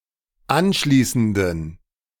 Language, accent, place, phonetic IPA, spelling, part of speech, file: German, Germany, Berlin, [ˈanˌʃliːsn̩dən], anschließenden, adjective, De-anschließenden.ogg
- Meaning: inflection of anschließend: 1. strong genitive masculine/neuter singular 2. weak/mixed genitive/dative all-gender singular 3. strong/weak/mixed accusative masculine singular 4. strong dative plural